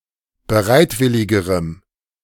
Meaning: strong dative masculine/neuter singular comparative degree of bereitwillig
- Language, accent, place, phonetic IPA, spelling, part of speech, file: German, Germany, Berlin, [bəˈʁaɪ̯tˌvɪlɪɡəʁəm], bereitwilligerem, adjective, De-bereitwilligerem.ogg